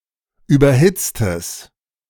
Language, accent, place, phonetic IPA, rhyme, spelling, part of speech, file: German, Germany, Berlin, [ˌyːbɐˈhɪt͡stəs], -ɪt͡stəs, überhitztes, adjective, De-überhitztes.ogg
- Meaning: strong/mixed nominative/accusative neuter singular of überhitzt